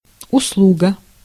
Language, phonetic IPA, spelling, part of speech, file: Russian, [ʊsˈɫuɡə], услуга, noun, Ru-услуга.ogg
- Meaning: 1. service, favour/favor, good turn 2. plural services, attendance